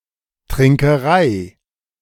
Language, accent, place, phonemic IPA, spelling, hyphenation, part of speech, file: German, Germany, Berlin, /tʁɪŋkəˈʁaɪ̯/, Trinkerei, Trin‧ke‧rei, noun, De-Trinkerei.ogg
- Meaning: drinking